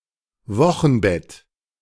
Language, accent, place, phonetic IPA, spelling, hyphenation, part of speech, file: German, Germany, Berlin, [ˈvɔxn̩ˌbɛt], Wochenbett, Wo‧chen‧bett, noun, De-Wochenbett.ogg
- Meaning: puerperium